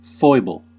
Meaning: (noun) 1. A quirk, idiosyncrasy, frailty, or mannerism; an unusual habit that is slightly strange or silly 2. A weakness or failing of character
- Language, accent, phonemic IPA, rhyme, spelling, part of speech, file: English, US, /ˈfɔɪbəl/, -ɔɪbəl, foible, noun / adjective, En-us-foible.ogg